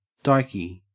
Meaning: Having stereotypically masculine characteristics
- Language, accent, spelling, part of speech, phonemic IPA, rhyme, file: English, Australia, dykey, adjective, /ˈdaɪki/, -aɪki, En-au-dykey.ogg